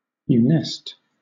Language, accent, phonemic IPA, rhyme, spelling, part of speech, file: English, Southern England, /fjuːˈnɛst/, -ɛst, funest, adjective, LL-Q1860 (eng)-funest.wav
- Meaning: Causing death or disaster; fatal, catastrophic; deplorable, lamentable